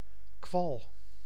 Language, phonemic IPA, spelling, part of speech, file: Dutch, /kʋɑl/, kwal, noun, Nl-kwal.ogg
- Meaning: 1. jellyfish 2. an annoying, figuratively slimy person